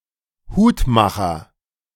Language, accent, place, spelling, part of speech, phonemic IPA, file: German, Germany, Berlin, Hutmacher, noun / proper noun, /ˈhuːtˌmaχɐ/, De-Hutmacher.ogg
- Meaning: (noun) hatmaker; hatter, capper, milliner (male or of unspecified gender)